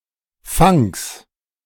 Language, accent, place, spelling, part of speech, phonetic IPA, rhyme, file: German, Germany, Berlin, Funks, noun, [fʊŋks], -ʊŋks, De-Funks2.ogg
- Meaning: genitive of Funk